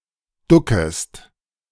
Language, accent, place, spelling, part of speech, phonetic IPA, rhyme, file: German, Germany, Berlin, duckest, verb, [ˈdʊkəst], -ʊkəst, De-duckest.ogg
- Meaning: second-person singular subjunctive I of ducken